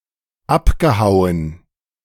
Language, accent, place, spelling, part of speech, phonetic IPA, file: German, Germany, Berlin, abgehauen, verb, [ˈapɡəˌhaʊ̯ən], De-abgehauen.ogg
- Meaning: past participle of abhauen